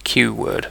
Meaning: A quadword: four words, typically used in the same contexts as the fossilized 16-bit sense of "word" and thus 64 bits
- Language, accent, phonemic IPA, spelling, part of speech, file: English, UK, /kjuː wɜːd/, qword, noun, En-uk-qword.ogg